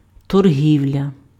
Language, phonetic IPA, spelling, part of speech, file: Ukrainian, [torˈɦʲiu̯lʲɐ], торгівля, noun, Uk-торгівля.ogg
- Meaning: trade, commerce